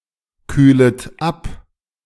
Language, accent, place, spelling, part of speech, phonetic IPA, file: German, Germany, Berlin, kühlet ab, verb, [ˌkyːlət ˈap], De-kühlet ab.ogg
- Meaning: second-person plural subjunctive I of abkühlen